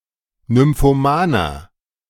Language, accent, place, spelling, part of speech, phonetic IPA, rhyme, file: German, Germany, Berlin, nymphomaner, adjective, [nʏmfoˈmaːnɐ], -aːnɐ, De-nymphomaner.ogg
- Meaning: inflection of nymphoman: 1. strong/mixed nominative masculine singular 2. strong genitive/dative feminine singular 3. strong genitive plural